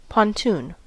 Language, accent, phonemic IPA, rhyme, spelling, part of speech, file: English, US, /pɒnˈtuːn/, -uːn, pontoon, noun, En-us-pontoon.ogg
- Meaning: 1. A flat-bottomed boat or other floating structure used as a buoyant support for a temporary bridge, dock or landing stage 2. A bridge with floating supports 3. A box used to raise a sunken vessel